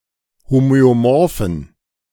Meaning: inflection of homöomorph: 1. strong genitive masculine/neuter singular 2. weak/mixed genitive/dative all-gender singular 3. strong/weak/mixed accusative masculine singular 4. strong dative plural
- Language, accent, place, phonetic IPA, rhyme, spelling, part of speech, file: German, Germany, Berlin, [ˌhomøoˈmɔʁfn̩], -ɔʁfn̩, homöomorphen, adjective, De-homöomorphen.ogg